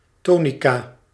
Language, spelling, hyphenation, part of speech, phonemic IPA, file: Dutch, tonica, to‧ni‧ca, noun, /ˈtonika/, Nl-tonica.ogg
- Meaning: tonic, keynote